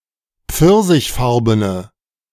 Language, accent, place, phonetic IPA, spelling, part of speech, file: German, Germany, Berlin, [ˈp͡fɪʁzɪçˌfaʁbənə], pfirsichfarbene, adjective, De-pfirsichfarbene.ogg
- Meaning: inflection of pfirsichfarben: 1. strong/mixed nominative/accusative feminine singular 2. strong nominative/accusative plural 3. weak nominative all-gender singular